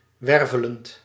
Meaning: present participle of wervelen
- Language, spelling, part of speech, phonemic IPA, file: Dutch, wervelend, verb / adjective, /ˈwɛrvələnt/, Nl-wervelend.ogg